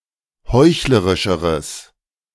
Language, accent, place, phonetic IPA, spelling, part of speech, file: German, Germany, Berlin, [ˈhɔɪ̯çləʁɪʃəʁəs], heuchlerischeres, adjective, De-heuchlerischeres.ogg
- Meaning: strong/mixed nominative/accusative neuter singular comparative degree of heuchlerisch